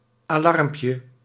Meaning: diminutive of alarm
- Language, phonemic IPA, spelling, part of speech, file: Dutch, /aˈlɑrmpjə/, alarmpje, noun, Nl-alarmpje.ogg